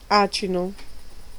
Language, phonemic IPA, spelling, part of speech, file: Italian, /ˈat͡ʃino/, acino, noun, It-acino.ogg